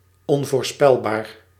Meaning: unpredictable
- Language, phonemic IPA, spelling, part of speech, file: Dutch, /ˈɔn.voːrˌspɛl.baːr/, onvoorspelbaar, adjective, Nl-onvoorspelbaar.ogg